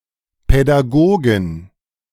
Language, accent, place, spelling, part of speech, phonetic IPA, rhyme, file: German, Germany, Berlin, Pädagogen, noun, [pɛdaˈɡoːɡn̩], -oːɡn̩, De-Pädagogen.ogg
- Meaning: 1. genitive singular of Pädagoge 2. plural of Pädagoge